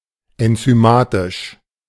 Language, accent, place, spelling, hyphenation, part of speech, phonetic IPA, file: German, Germany, Berlin, enzymatisch, en‧zy‧ma‧tisch, adjective, [ɛnt͡syˈmaːtɪʃ], De-enzymatisch.ogg
- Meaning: enzymatic